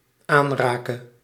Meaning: singular dependent-clause present subjunctive of aanraken
- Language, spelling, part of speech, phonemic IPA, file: Dutch, aanrake, verb, /ˈanrakə/, Nl-aanrake.ogg